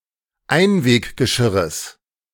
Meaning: genitive singular of Einweggeschirr
- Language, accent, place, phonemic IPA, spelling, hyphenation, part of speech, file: German, Germany, Berlin, /ˈaɪ̯nveːkɡəˌʃɪʁəs/, Einweggeschirres, Ein‧weg‧ge‧schir‧res, noun, De-Einweggeschirres.ogg